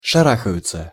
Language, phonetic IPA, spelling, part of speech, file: Russian, [ʂɐˈraxəjʊt͡sə], шарахаются, verb, Ru-шарахаются.ogg
- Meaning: third-person plural present indicative imperfective of шара́хаться (šaráxatʹsja)